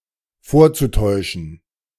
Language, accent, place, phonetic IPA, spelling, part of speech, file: German, Germany, Berlin, [ˈfoːɐ̯t͡suˌtɔɪ̯ʃn̩], vorzutäuschen, verb, De-vorzutäuschen.ogg
- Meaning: zu-infinitive of vortäuschen